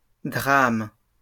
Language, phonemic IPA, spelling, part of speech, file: French, /dʁam/, drames, noun, LL-Q150 (fra)-drames.wav
- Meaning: plural of drame